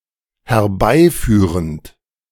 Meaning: present participle of herbeiführen
- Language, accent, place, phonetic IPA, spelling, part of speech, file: German, Germany, Berlin, [hɛɐ̯ˈbaɪ̯ˌfyːʁənt], herbeiführend, verb, De-herbeiführend.ogg